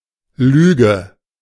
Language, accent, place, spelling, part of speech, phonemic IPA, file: German, Germany, Berlin, Lüge, noun, /ˈlyːɡə/, De-Lüge.ogg
- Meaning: lie